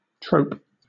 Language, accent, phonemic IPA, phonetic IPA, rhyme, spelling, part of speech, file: English, Southern England, /tɹəʊp/, [tɹ̥əʊp], -əʊp, trope, noun / verb, LL-Q1860 (eng)-trope.wav
- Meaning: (noun) 1. Something recurring across a genre or type of art or literature; a motif 2. An addition (of dialogue, song, music, etc.) to a standard element of the liturgy, serving as an embellishment